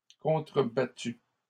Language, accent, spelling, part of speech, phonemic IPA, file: French, Canada, contrebattu, verb, /kɔ̃.tʁə.ba.ty/, LL-Q150 (fra)-contrebattu.wav
- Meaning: past participle of contrebattre